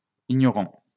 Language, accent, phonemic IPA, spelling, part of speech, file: French, France, /i.ɲɔ.ʁɑ̃/, ignorants, adjective, LL-Q150 (fra)-ignorants.wav
- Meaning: masculine plural of ignorant